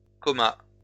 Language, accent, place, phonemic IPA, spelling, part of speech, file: French, France, Lyon, /kɔ.ma/, comas, noun, LL-Q150 (fra)-comas.wav
- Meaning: plural of coma